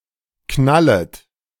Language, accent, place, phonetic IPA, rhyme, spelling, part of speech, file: German, Germany, Berlin, [ˈknalət], -alət, knallet, verb, De-knallet.ogg
- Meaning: second-person plural subjunctive I of knallen